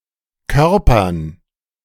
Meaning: dative plural of Körper
- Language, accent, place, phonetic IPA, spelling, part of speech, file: German, Germany, Berlin, [ˈkœʁpɐn], Körpern, noun, De-Körpern.ogg